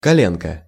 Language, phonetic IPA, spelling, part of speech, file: Russian, [kɐˈlʲenkə], коленка, noun, Ru-коленка.ogg
- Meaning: diminutive of коле́но (koléno): knee